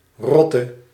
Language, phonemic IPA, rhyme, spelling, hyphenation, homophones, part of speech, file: Dutch, /ˈrɔ.tə/, -ɔtə, Rotte, Rot‧te, rotte, proper noun, Nl-Rotte.ogg
- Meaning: 1. a river in and near Rotterdam, and part of the Rhine–Meuse–Scheldt delta 2. a hamlet in Lansingerland, South Holland, Netherlands